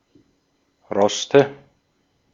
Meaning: nominative/accusative/genitive plural of Rost
- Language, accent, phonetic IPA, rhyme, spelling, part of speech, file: German, Austria, [ˈʁɔstə], -ɔstə, Roste, noun, De-at-Roste.ogg